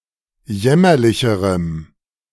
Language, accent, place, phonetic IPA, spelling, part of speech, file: German, Germany, Berlin, [ˈjɛmɐlɪçəʁəm], jämmerlicherem, adjective, De-jämmerlicherem.ogg
- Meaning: strong dative masculine/neuter singular comparative degree of jämmerlich